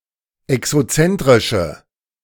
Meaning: inflection of exozentrisch: 1. strong/mixed nominative/accusative feminine singular 2. strong nominative/accusative plural 3. weak nominative all-gender singular
- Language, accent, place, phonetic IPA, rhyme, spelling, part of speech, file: German, Germany, Berlin, [ɛksoˈt͡sɛntʁɪʃə], -ɛntʁɪʃə, exozentrische, adjective, De-exozentrische.ogg